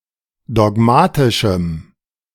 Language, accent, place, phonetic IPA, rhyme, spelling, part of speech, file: German, Germany, Berlin, [dɔˈɡmaːtɪʃm̩], -aːtɪʃm̩, dogmatischem, adjective, De-dogmatischem.ogg
- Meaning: strong dative masculine/neuter singular of dogmatisch